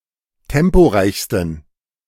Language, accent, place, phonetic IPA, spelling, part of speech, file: German, Germany, Berlin, [ˈtɛmpoˌʁaɪ̯çstn̩], temporeichsten, adjective, De-temporeichsten.ogg
- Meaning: 1. superlative degree of temporeich 2. inflection of temporeich: strong genitive masculine/neuter singular superlative degree